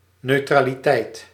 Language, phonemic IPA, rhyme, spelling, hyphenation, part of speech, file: Dutch, /ˌnøː.traː.liˈtɛi̯t/, -ɛi̯t, neutraliteit, neu‧tra‧li‧teit, noun, Nl-neutraliteit.ogg
- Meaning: neutrality (status of being neutral)